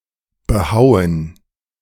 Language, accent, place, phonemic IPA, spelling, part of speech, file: German, Germany, Berlin, /bəˈhaʊ̯ən/, behauen, verb, De-behauen.ogg
- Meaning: to hew, to carve